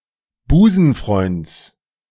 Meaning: genitive of Busenfreund
- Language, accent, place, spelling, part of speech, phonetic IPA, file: German, Germany, Berlin, Busenfreunds, noun, [ˈbuːzn̩ˌfʁɔɪ̯nt͡s], De-Busenfreunds.ogg